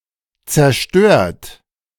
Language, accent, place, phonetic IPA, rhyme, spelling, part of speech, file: German, Germany, Berlin, [t͡sɛɐ̯ˈʃtøːɐ̯t], -øːɐ̯t, zerstört, adjective / verb, De-zerstört.ogg
- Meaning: 1. past participle of zerstören 2. inflection of zerstören: third-person singular present 3. inflection of zerstören: second-person plural present 4. inflection of zerstören: plural imperative